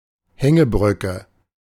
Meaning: suspension bridge
- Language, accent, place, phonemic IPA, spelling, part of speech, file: German, Germany, Berlin, /ˈhɛŋəˌbʁʏkə/, Hängebrücke, noun, De-Hängebrücke.ogg